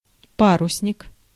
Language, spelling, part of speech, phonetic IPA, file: Russian, парусник, noun, [ˈparʊsnʲɪk], Ru-парусник.ogg
- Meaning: 1. sailing ship (type of ship) 2. sailfish 3. swallowtail